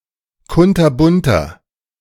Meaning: inflection of kunterbunt: 1. strong/mixed nominative masculine singular 2. strong genitive/dative feminine singular 3. strong genitive plural
- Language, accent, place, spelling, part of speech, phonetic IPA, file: German, Germany, Berlin, kunterbunter, adjective, [ˈkʊntɐˌbʊntɐ], De-kunterbunter.ogg